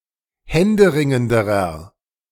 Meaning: inflection of händeringend: 1. strong/mixed nominative masculine singular comparative degree 2. strong genitive/dative feminine singular comparative degree 3. strong genitive plural comparative degree
- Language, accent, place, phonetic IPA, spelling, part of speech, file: German, Germany, Berlin, [ˈhɛndəˌʁɪŋəndəʁɐ], händeringenderer, adjective, De-händeringenderer.ogg